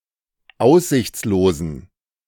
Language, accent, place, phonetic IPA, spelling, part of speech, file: German, Germany, Berlin, [ˈaʊ̯szɪçt͡sloːzn̩], aussichtslosen, adjective, De-aussichtslosen.ogg
- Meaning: inflection of aussichtslos: 1. strong genitive masculine/neuter singular 2. weak/mixed genitive/dative all-gender singular 3. strong/weak/mixed accusative masculine singular 4. strong dative plural